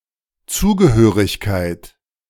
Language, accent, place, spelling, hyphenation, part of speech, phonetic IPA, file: German, Germany, Berlin, Zugehörigkeit, Zu‧ge‧hö‧rig‧keit, noun, [ˈt͡suːɡəhøːʁɪçkaɪ̯t], De-Zugehörigkeit.ogg
- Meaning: belonging, affiliation, membership